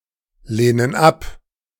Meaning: inflection of ablehnen: 1. first/third-person plural present 2. first/third-person plural subjunctive I
- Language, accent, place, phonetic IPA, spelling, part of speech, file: German, Germany, Berlin, [ˌleːnən ˈap], lehnen ab, verb, De-lehnen ab.ogg